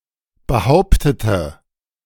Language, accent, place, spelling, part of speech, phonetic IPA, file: German, Germany, Berlin, behauptete, adjective / verb, [bəˈhaʊ̯ptətə], De-behauptete.ogg
- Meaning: inflection of behauptet: 1. strong/mixed nominative/accusative feminine singular 2. strong nominative/accusative plural 3. weak nominative all-gender singular